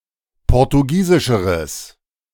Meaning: strong/mixed nominative/accusative neuter singular comparative degree of portugiesisch
- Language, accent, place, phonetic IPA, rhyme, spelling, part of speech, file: German, Germany, Berlin, [ˌpɔʁtuˈɡiːzɪʃəʁəs], -iːzɪʃəʁəs, portugiesischeres, adjective, De-portugiesischeres.ogg